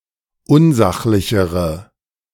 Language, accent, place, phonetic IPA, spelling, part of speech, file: German, Germany, Berlin, [ˈʊnˌzaxlɪçəʁə], unsachlichere, adjective, De-unsachlichere.ogg
- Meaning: inflection of unsachlich: 1. strong/mixed nominative/accusative feminine singular comparative degree 2. strong nominative/accusative plural comparative degree